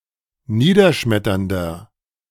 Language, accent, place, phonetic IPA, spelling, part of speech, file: German, Germany, Berlin, [ˈniːdɐˌʃmɛtɐndɐ], niederschmetternder, adjective, De-niederschmetternder.ogg
- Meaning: 1. comparative degree of niederschmetternd 2. inflection of niederschmetternd: strong/mixed nominative masculine singular 3. inflection of niederschmetternd: strong genitive/dative feminine singular